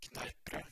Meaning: Kneipp bread; bread made from wholemeal wheat flour, especially common in Norway
- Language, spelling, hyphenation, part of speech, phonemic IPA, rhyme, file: Norwegian Bokmål, kneippbrød, kneipp‧brød, noun, /ˈknæɪ̯pˌbrøː/, -øː, No-kneippbrød.ogg